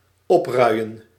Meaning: 1. to agitate or incite others to do something bad; to stir up trouble 2. to stir emotionally
- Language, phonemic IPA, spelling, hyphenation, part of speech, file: Dutch, /ˈɔpˌrœy̯.ə(n)/, opruien, op‧rui‧en, verb, Nl-opruien.ogg